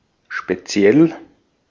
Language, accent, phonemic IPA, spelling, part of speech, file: German, Austria, /ʃpeˈtsi̯ɛl/, speziell, adjective, De-at-speziell.ogg
- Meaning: 1. special 2. particular, specific